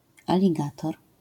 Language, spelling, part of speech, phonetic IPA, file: Polish, aligator, noun, [ˌalʲiˈɡatɔr], LL-Q809 (pol)-aligator.wav